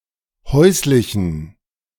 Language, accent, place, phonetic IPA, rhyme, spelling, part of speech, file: German, Germany, Berlin, [ˈhɔɪ̯slɪçn̩], -ɔɪ̯slɪçn̩, häuslichen, adjective, De-häuslichen.ogg
- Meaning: inflection of häuslich: 1. strong genitive masculine/neuter singular 2. weak/mixed genitive/dative all-gender singular 3. strong/weak/mixed accusative masculine singular 4. strong dative plural